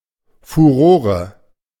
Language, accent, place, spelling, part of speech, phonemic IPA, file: German, Germany, Berlin, Furore, noun, /fuˈʁoːʁə/, De-Furore.ogg
- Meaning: sensation